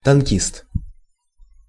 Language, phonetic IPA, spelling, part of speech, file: Russian, [tɐnˈkʲist], танкист, noun, Ru-танкист.ogg
- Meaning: tankman, tanker